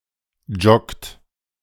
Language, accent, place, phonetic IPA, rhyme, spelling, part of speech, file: German, Germany, Berlin, [d͡ʒɔkt], -ɔkt, joggt, verb, De-joggt.ogg
- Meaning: inflection of joggen: 1. second-person plural present 2. third-person singular present 3. plural imperative